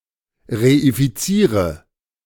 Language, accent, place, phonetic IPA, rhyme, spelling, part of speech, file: German, Germany, Berlin, [ʁeifiˈt͡siːʁə], -iːʁə, reifiziere, verb, De-reifiziere.ogg
- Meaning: inflection of reifizieren: 1. first-person singular present 2. singular imperative 3. first/third-person singular subjunctive I